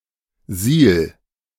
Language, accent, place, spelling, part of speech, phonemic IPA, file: German, Germany, Berlin, Siel, noun, /ziːl/, De-Siel.ogg
- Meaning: 1. lock of a dike 2. subterranean sewer